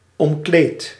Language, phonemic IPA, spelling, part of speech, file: Dutch, /ɔmˈkleːt/, omkleed, verb, Nl-omkleed.ogg
- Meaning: inflection of omkleden: 1. first-person singular present indicative 2. second-person singular present indicative 3. imperative